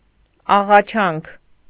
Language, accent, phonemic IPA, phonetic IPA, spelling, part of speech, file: Armenian, Eastern Armenian, /ɑʁɑˈt͡ʃʰɑnkʰ/, [ɑʁɑt͡ʃʰɑ́ŋkʰ], աղաչանք, noun, Hy-աղաչանք.ogg
- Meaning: entreaty, supplication, earnest request